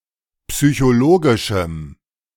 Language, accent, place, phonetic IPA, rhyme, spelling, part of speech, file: German, Germany, Berlin, [psyçoˈloːɡɪʃm̩], -oːɡɪʃm̩, psychologischem, adjective, De-psychologischem.ogg
- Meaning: strong dative masculine/neuter singular of psychologisch